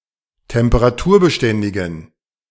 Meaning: inflection of temperaturbeständig: 1. strong genitive masculine/neuter singular 2. weak/mixed genitive/dative all-gender singular 3. strong/weak/mixed accusative masculine singular
- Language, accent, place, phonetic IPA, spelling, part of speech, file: German, Germany, Berlin, [tɛmpəʁaˈtuːɐ̯bəˌʃtɛndɪɡn̩], temperaturbeständigen, adjective, De-temperaturbeständigen.ogg